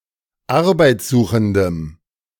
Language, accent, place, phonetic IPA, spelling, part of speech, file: German, Germany, Berlin, [ˈaʁbaɪ̯t͡sˌzuːxn̩dəm], arbeitssuchendem, adjective, De-arbeitssuchendem.ogg
- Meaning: strong dative masculine/neuter singular of arbeitssuchend